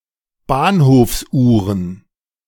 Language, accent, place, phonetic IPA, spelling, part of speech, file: German, Germany, Berlin, [ˈbaːnhoːfsˌʔuːʁən], Bahnhofsuhren, noun, De-Bahnhofsuhren2.ogg
- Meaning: plural of Bahnhofsuhr